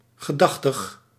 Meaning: mindful, thinking (keeping in mind)
- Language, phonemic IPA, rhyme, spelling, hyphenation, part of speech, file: Dutch, /ɣəˈdɑx.təx/, -ɑxtəx, gedachtig, ge‧dach‧tig, adjective, Nl-gedachtig.ogg